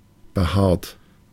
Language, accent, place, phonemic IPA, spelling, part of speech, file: German, Germany, Berlin, /bəˈhaːrt/, behaart, adjective, De-behaart.ogg
- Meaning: hairy, having hair